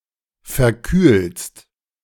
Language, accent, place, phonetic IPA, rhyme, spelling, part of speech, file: German, Germany, Berlin, [fɛɐ̯ˈkyːlst], -yːlst, verkühlst, verb, De-verkühlst.ogg
- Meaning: second-person singular present of verkühlen